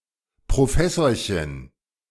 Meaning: diminutive of Professor
- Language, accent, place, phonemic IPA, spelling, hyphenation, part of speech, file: German, Germany, Berlin, /pʁoˈfɛsoːɐ̯çən/, Professorchen, Pro‧fes‧sor‧chen, noun, De-Professorchen.ogg